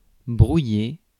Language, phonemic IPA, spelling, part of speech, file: French, /bʁu.je/, brouiller, verb, Fr-brouiller.ogg
- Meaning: 1. to blur 2. to mix up, confuse 3. to scramble (an egg) 4. to set at odds, put (someone) off (something) 5. to jam (a transmission), to scramble (a message) 6. to become blurred, get mixed up